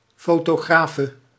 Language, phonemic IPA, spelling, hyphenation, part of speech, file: Dutch, /ˌfoː.toːˈɣraː.fə/, fotografe, fo‧to‧gra‧fe, noun, Nl-fotografe.ogg
- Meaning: female equivalent of fotograaf